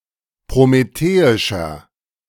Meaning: 1. comparative degree of prometheisch 2. inflection of prometheisch: strong/mixed nominative masculine singular 3. inflection of prometheisch: strong genitive/dative feminine singular
- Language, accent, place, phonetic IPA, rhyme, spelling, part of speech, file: German, Germany, Berlin, [pʁomeˈteːɪʃɐ], -eːɪʃɐ, prometheischer, adjective, De-prometheischer.ogg